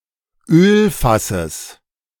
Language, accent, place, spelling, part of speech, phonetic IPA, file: German, Germany, Berlin, Ölfasses, noun, [ˈøːlfasəs], De-Ölfasses.ogg
- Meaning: genitive singular of Ölfass